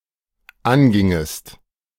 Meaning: second-person singular dependent subjunctive II of angehen
- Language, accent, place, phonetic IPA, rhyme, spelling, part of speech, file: German, Germany, Berlin, [ˈanˌɡɪŋəst], -anɡɪŋəst, angingest, verb, De-angingest.ogg